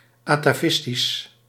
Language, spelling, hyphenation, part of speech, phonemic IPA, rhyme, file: Dutch, atavistisch, ata‧vis‧tisch, adjective, /ɑ.taːˈvɪs.tis/, -ɪstis, Nl-atavistisch.ogg
- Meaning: atavistic